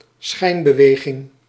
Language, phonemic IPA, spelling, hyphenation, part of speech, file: Dutch, /ˈsxɛi̯n.bəˌʋeː.ɣɪŋ/, schijnbeweging, schijn‧be‧we‧ging, noun, Nl-schijnbeweging.ogg
- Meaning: a movement made to confuse someone, e.g. an opponent; a feint